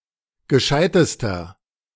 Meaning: inflection of gescheit: 1. strong/mixed nominative masculine singular superlative degree 2. strong genitive/dative feminine singular superlative degree 3. strong genitive plural superlative degree
- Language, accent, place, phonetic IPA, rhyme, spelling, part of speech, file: German, Germany, Berlin, [ɡəˈʃaɪ̯təstɐ], -aɪ̯təstɐ, gescheitester, adjective, De-gescheitester.ogg